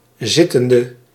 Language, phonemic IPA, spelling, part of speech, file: Dutch, /ˈzɪtəndə/, zittende, adjective / verb, Nl-zittende.ogg
- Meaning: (adjective) inflection of zittend: 1. masculine/feminine singular attributive 2. definite neuter singular attributive 3. plural attributive